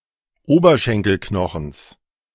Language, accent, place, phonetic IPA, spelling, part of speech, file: German, Germany, Berlin, [ˈoːbɐʃɛŋkəlˌknɔxəns], Oberschenkelknochens, noun, De-Oberschenkelknochens.ogg
- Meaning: genitive singular of Oberschenkelknochen